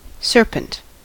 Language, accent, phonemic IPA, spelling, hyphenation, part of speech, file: English, US, /ˈsɝpənt/, serpent, ser‧pent, noun / verb, En-us-serpent.ogg
- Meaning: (noun) 1. A snake 2. A snake.: Alternative letter-case form of Serpent 3. A snake-like creature, such as a sea serpent 4. A person who is subtle, malicious, treacherous, or deceiving